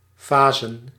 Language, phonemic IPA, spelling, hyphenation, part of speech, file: Dutch, /ˈvaː.zə(n)/, vazen, va‧zen, noun, Nl-vazen.ogg
- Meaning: plural of vaas